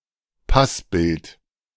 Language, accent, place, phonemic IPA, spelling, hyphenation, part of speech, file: German, Germany, Berlin, /ˈpasˌbɪlt/, Passbild, Pass‧bild, noun, De-Passbild.ogg
- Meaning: passport photo